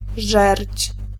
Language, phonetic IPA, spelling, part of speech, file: Polish, [ʒɛrʲt͡ɕ], żerdź, noun, Pl-żerdź.ogg